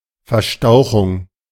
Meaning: sprain (act or result of spraining)
- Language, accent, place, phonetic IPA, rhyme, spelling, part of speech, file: German, Germany, Berlin, [fɛɐ̯ˈʃtaʊ̯xʊŋ], -aʊ̯xʊŋ, Verstauchung, noun, De-Verstauchung.ogg